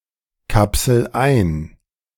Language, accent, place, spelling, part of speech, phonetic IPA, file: German, Germany, Berlin, kapsel ein, verb, [ˌkapsl̩ ˈaɪ̯n], De-kapsel ein.ogg
- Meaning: inflection of einkapseln: 1. first-person singular present 2. singular imperative